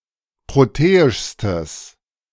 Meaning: strong/mixed nominative/accusative neuter singular superlative degree of proteisch
- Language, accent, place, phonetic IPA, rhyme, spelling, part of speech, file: German, Germany, Berlin, [ˌpʁoˈteːɪʃstəs], -eːɪʃstəs, proteischstes, adjective, De-proteischstes.ogg